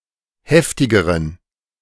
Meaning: inflection of heftig: 1. strong genitive masculine/neuter singular comparative degree 2. weak/mixed genitive/dative all-gender singular comparative degree
- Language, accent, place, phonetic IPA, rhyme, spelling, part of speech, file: German, Germany, Berlin, [ˈhɛftɪɡəʁən], -ɛftɪɡəʁən, heftigeren, adjective, De-heftigeren.ogg